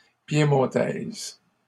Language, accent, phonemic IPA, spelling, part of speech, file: French, Canada, /pje.mɔ̃.tɛz/, piémontaise, adjective, LL-Q150 (fra)-piémontaise.wav
- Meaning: feminine singular of piémontais